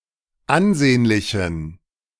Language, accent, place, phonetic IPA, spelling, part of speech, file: German, Germany, Berlin, [ˈanˌzeːnlɪçn̩], ansehnlichen, adjective, De-ansehnlichen.ogg
- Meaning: inflection of ansehnlich: 1. strong genitive masculine/neuter singular 2. weak/mixed genitive/dative all-gender singular 3. strong/weak/mixed accusative masculine singular 4. strong dative plural